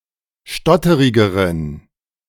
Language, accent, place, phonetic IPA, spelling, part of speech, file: German, Germany, Berlin, [ˈʃtɔtəʁɪɡəʁən], stotterigeren, adjective, De-stotterigeren.ogg
- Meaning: inflection of stotterig: 1. strong genitive masculine/neuter singular comparative degree 2. weak/mixed genitive/dative all-gender singular comparative degree